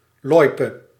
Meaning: loipe, cross-country ski trail
- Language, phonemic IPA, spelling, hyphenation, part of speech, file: Dutch, /ˈlɔi̯.pə/, loipe, loi‧pe, noun, Nl-loipe.ogg